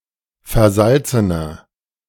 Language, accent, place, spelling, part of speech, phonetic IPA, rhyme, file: German, Germany, Berlin, versalzener, adjective, [fɛɐ̯ˈzalt͡sənɐ], -alt͡sənɐ, De-versalzener.ogg
- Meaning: 1. comparative degree of versalzen 2. inflection of versalzen: strong/mixed nominative masculine singular 3. inflection of versalzen: strong genitive/dative feminine singular